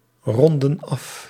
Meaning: inflection of afronden: 1. plural present indicative 2. plural present subjunctive
- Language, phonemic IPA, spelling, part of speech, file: Dutch, /ˈrɔndə(n) ˈɑf/, ronden af, verb, Nl-ronden af.ogg